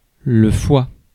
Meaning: 1. liver 2. liver (as food)
- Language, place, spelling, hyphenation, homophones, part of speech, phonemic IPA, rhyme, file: French, Paris, foie, foie, foi / foies / fois / Foix, noun, /fwa/, -a, Fr-foie.ogg